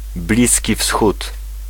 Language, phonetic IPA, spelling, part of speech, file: Polish, [ˈblʲisʲci ˈfsxut], Bliski Wschód, proper noun, Pl-Bliski Wschód.ogg